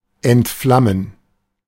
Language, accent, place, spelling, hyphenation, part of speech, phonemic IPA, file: German, Germany, Berlin, entflammen, ent‧flam‧men, verb, /ɛntˈflamən/, De-entflammen.ogg
- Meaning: 1. to set on fire 2. to catch fire